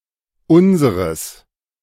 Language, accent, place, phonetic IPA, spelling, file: German, Germany, Berlin, [ˈʊnzəʁəs], unseres, De-unseres.ogg
- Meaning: genitive masculine/neuter singular of unser